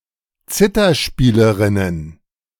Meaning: plural of Zitherspielerin
- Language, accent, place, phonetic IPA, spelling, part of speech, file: German, Germany, Berlin, [ˈt͡sɪtɐˌʃpiːləˌʁɪnən], Zitherspielerinnen, noun, De-Zitherspielerinnen.ogg